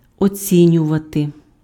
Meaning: 1. to evaluate, to appraise, to assess, to estimate, to value, to rate (form a judgement about the value or qualities of) 2. to appreciate, to value (recognize the merits or qualities of)
- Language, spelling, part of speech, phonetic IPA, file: Ukrainian, оцінювати, verb, [oˈt͡sʲinʲʊʋɐte], Uk-оцінювати.ogg